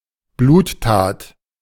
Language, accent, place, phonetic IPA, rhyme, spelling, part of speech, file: German, Germany, Berlin, [ˈbluːtˌtaːt], -uːttaːt, Bluttat, noun, De-Bluttat.ogg
- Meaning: bloody deed